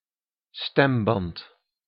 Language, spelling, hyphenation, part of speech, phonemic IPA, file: Dutch, stemband, stem‧band, noun, /ˈstɛmbɑnt/, Nl-stemband.ogg
- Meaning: vocal cord